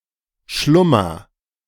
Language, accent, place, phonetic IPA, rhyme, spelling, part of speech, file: German, Germany, Berlin, [ˈʃlʊmɐ], -ʊmɐ, schlummer, verb, De-schlummer.ogg
- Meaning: inflection of schlummern: 1. first-person singular present 2. singular imperative